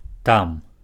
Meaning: there
- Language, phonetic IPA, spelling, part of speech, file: Belarusian, [tam], там, adverb, Be-там.ogg